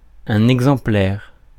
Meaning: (noun) 1. copy; facsimile 2. exemplar; example 3. sample; instance; specimen; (adjective) 1. exemplary 2. example
- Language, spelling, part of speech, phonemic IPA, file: French, exemplaire, noun / adjective, /ɛɡ.zɑ̃.plɛʁ/, Fr-exemplaire.ogg